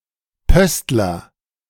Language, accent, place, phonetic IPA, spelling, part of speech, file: German, Germany, Berlin, [ˈpœstlɐ], Pöstler, noun, De-Pöstler.ogg
- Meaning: postman